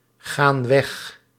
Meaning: inflection of weggaan: 1. plural present indicative 2. plural present subjunctive
- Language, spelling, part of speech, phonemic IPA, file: Dutch, gaan weg, verb, /ˈɣan ˈwɛx/, Nl-gaan weg.ogg